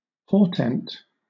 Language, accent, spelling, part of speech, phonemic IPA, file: English, Southern England, portent, noun, /ˈpɔːtɛnt/, LL-Q1860 (eng)-portent.wav
- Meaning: 1. Something that portends an event about to occur, especially an unfortunate or evil event; an omen 2. A portending; significance 3. Something regarded as portentous; a marvel; prodigy